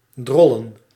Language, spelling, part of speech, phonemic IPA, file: Dutch, drollen, verb / noun, /ˈdrɔlə(n)/, Nl-drollen.ogg
- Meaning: plural of drol